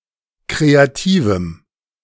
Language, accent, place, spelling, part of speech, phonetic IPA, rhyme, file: German, Germany, Berlin, kreativem, adjective, [ˌkʁeaˈtiːvm̩], -iːvm̩, De-kreativem.ogg
- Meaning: strong dative masculine/neuter singular of kreativ